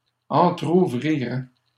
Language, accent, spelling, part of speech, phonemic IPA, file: French, Canada, entrouvriraient, verb, /ɑ̃.tʁu.vʁi.ʁɛ/, LL-Q150 (fra)-entrouvriraient.wav
- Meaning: third-person plural conditional of entrouvrir